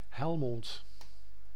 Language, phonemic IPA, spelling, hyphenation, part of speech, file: Dutch, /ˈɦɛl.mɔnt/, Helmond, Hel‧mond, proper noun, Nl-Helmond.ogg
- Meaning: Helmond (a city and municipality of North Brabant, Netherlands)